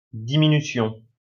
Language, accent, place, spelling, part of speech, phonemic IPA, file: French, France, Lyon, diminution, noun, /di.mi.ny.sjɔ̃/, LL-Q150 (fra)-diminution.wav
- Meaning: 1. diminution, abatement 2. division (instrumental variation of a melody conceived as the dividing a succession of long notes into several short ones)